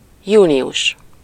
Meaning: June
- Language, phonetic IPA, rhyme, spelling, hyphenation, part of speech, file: Hungarian, [ˈjuːnijuʃ], -uʃ, június, jú‧ni‧us, noun, Hu-június.ogg